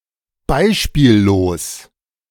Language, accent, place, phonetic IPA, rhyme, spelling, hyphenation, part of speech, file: German, Germany, Berlin, [ˈbaɪ̯ʃpiːlloːs], -oːs, beispiellos, bei‧spiel‧los, adjective, De-beispiellos.ogg
- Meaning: unprecedented; unheard-of (never having occurred, or having occurred only once and never again)